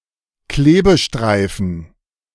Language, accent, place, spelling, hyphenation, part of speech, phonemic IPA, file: German, Germany, Berlin, Klebestreifen, Kle‧be‧strei‧fen, noun, /ˈkleːbəˌʃtʁaɪ̯fn̩/, De-Klebestreifen.ogg
- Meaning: adhesive tape